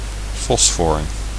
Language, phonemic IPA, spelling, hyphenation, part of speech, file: Dutch, /ˈfɔs.fɔr/, fosfor, fos‧for, noun, Nl-fosfor.ogg
- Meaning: phosphorus